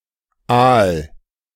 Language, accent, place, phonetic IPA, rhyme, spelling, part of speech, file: German, Germany, Berlin, [aːl], -aːl, aal, verb, De-aal.ogg
- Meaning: 1. singular imperative of aalen 2. first-person singular present of aalen